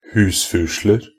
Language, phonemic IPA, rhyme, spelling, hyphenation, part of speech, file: Norwegian Bokmål, /ˈhʉːsfʉːʂlər/, -ər, husfusler, hus‧fu‧sler, noun, Nb-husfusler.ogg
- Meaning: indefinite plural of husfusel